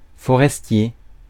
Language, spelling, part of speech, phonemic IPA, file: French, forestier, adjective / noun, /fɔ.ʁɛs.tje/, Fr-forestier.ogg
- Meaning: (adjective) 1. forested 2. forest-dwelling; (noun) male forester